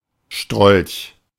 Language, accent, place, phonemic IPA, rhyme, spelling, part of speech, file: German, Germany, Berlin, /ʃtʁɔlç/, -ɔlç, Strolch, noun, De-Strolch.ogg
- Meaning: a rascal